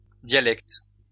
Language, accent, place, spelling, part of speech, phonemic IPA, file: French, France, Lyon, dialectes, noun, /dja.lɛkt/, LL-Q150 (fra)-dialectes.wav
- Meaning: plural of dialecte